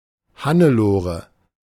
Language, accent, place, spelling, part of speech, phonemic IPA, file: German, Germany, Berlin, Hannelore, proper noun, /ˈha.nəˌloː.ʁə/, De-Hannelore.ogg
- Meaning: a female given name, blend of Hanne and Lore